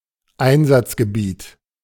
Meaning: 1. application, field 2. theatre of operations
- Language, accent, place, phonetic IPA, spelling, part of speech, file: German, Germany, Berlin, [ˈaɪ̯nzat͡sɡəˌbiːt], Einsatzgebiet, noun, De-Einsatzgebiet.ogg